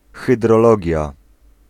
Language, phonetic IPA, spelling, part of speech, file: Polish, [ˌxɨdrɔˈlɔɟja], hydrologia, noun, Pl-hydrologia.ogg